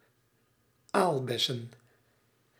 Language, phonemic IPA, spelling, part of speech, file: Dutch, /ˈalbɛsə(n)/, aalbessen, noun, Nl-aalbessen.ogg
- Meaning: plural of aalbes